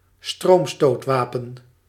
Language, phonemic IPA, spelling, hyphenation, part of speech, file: Dutch, /ˈstroːm.stoːtˌʋaː.pə(n)/, stroomstootwapen, stroom‧stoot‧wa‧pen, noun, Nl-stroomstootwapen.ogg
- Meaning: a taser (electro-stun weapon)